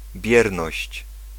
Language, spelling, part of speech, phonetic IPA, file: Polish, bierność, noun, [ˈbʲjɛrnɔɕt͡ɕ], Pl-bierność.ogg